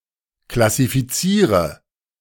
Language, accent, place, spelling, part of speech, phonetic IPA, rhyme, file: German, Germany, Berlin, klassifiziere, verb, [klasifiˈt͡siːʁə], -iːʁə, De-klassifiziere.ogg
- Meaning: inflection of klassifizieren: 1. first-person singular present 2. singular imperative 3. first/third-person singular subjunctive I